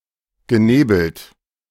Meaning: past participle of nebeln
- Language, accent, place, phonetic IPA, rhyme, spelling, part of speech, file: German, Germany, Berlin, [ɡəˈneːbl̩t], -eːbl̩t, genebelt, verb, De-genebelt.ogg